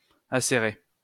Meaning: to sharpen (a point)
- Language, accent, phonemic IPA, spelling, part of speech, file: French, France, /a.se.ʁe/, acérer, verb, LL-Q150 (fra)-acérer.wav